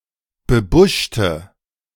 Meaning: inflection of bebuscht: 1. strong/mixed nominative/accusative feminine singular 2. strong nominative/accusative plural 3. weak nominative all-gender singular
- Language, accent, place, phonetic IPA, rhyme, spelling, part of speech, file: German, Germany, Berlin, [bəˈbʊʃtə], -ʊʃtə, bebuschte, adjective, De-bebuschte.ogg